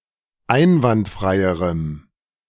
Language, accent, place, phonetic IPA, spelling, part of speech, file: German, Germany, Berlin, [ˈaɪ̯nvantˌfʁaɪ̯əʁəm], einwandfreierem, adjective, De-einwandfreierem.ogg
- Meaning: strong dative masculine/neuter singular comparative degree of einwandfrei